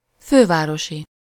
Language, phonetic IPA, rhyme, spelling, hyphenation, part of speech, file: Hungarian, [ˈføːvaːroʃi], -ʃi, fővárosi, fő‧vá‧ro‧si, adjective / noun, Hu-fővárosi.ogg
- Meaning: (adjective) of or relating to the capital city, metropolitan; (noun) inhabitant/dweller of the capital city